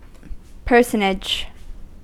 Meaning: 1. A person, especially one who is famous or important 2. A character (in a film, book, play, etc) 3. The creation of corporate persons named after living people
- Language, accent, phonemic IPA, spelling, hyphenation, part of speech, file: English, US, /ˈpɝsənɪd͡ʒ/, personage, per‧son‧age, noun, En-us-personage.ogg